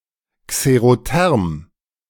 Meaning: xerothermic
- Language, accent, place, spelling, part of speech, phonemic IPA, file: German, Germany, Berlin, xerotherm, adjective, /kseʁoˈtɛʁm/, De-xerotherm.ogg